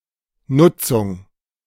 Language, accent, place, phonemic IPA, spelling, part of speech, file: German, Germany, Berlin, /ˈnʊtsʊŋ/, Nutzung, noun, De-Nutzung.ogg
- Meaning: use